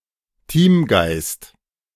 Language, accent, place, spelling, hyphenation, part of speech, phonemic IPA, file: German, Germany, Berlin, Teamgeist, Team‧geist, noun, /tiːmɡaɪ̯st/, De-Teamgeist.ogg
- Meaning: team spirit